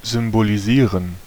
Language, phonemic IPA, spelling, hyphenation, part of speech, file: German, /zʏmboliˈziːʁən/, symbolisieren, sym‧bo‧li‧sie‧ren, verb, De-symbolisieren.ogg
- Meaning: to symbolise, to symbolize